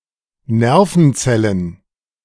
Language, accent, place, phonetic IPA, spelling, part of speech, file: German, Germany, Berlin, [ˈnɛʁfənˌt͡sɛlən], Nervenzellen, noun, De-Nervenzellen.ogg
- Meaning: plural of Nervenzelle